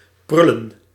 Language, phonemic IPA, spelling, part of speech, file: Dutch, /ˈprʏlə(n)/, prullen, noun, Nl-prullen.ogg
- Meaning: plural of prul